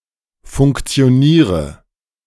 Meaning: inflection of funktionieren: 1. first-person singular present 2. first/third-person singular subjunctive I 3. singular imperative
- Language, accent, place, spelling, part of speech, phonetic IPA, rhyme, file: German, Germany, Berlin, funktioniere, verb, [fʊŋkt͡si̯oˈniːʁə], -iːʁə, De-funktioniere.ogg